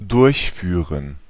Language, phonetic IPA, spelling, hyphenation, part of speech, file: German, [ˈdʊʁçˌfyːʁən], durchführen, durch‧füh‧ren, verb, De-durchführen.ogg
- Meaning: 1. to perform, to conduct (a study, a ceremony, an operation, etc.) 2. to implement, to carry out, to execute, to put into action (a decision, measures, etc.)